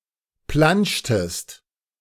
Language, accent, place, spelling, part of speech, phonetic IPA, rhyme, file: German, Germany, Berlin, planschtest, verb, [ˈplanʃtəst], -anʃtəst, De-planschtest.ogg
- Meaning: inflection of planschen: 1. second-person singular preterite 2. second-person singular subjunctive II